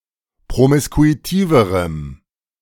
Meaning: strong dative masculine/neuter singular comparative degree of promiskuitiv
- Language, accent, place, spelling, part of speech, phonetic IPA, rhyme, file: German, Germany, Berlin, promiskuitiverem, adjective, [pʁomɪskuiˈtiːvəʁəm], -iːvəʁəm, De-promiskuitiverem.ogg